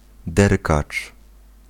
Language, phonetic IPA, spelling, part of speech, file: Polish, [ˈdɛrkat͡ʃ], derkacz, noun, Pl-derkacz.ogg